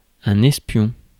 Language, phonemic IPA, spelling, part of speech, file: French, /ɛs.pjɔ̃/, espion, noun, Fr-espion.ogg
- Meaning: spy (person who secretly watches)